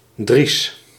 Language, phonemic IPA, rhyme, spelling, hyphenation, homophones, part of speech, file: Dutch, /dris/, -is, Dries, Dries, dries, proper noun, Nl-Dries.ogg
- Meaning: 1. a male given name 2. a hamlet in Leudal, Limburg, Netherlands